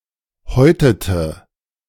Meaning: inflection of häuten: 1. first/third-person singular preterite 2. first/third-person singular subjunctive II
- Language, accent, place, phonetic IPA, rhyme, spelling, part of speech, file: German, Germany, Berlin, [ˈhɔɪ̯tətə], -ɔɪ̯tətə, häutete, verb, De-häutete.ogg